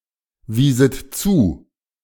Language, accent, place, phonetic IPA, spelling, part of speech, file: German, Germany, Berlin, [ˌviːsət ˈt͡suː], wieset zu, verb, De-wieset zu.ogg
- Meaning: second-person plural subjunctive II of zuweisen